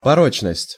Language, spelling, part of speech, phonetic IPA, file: Russian, порочность, noun, [pɐˈrot͡ɕnəsʲtʲ], Ru-порочность.ogg
- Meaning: 1. depravity, viciousness 2. fallaciousness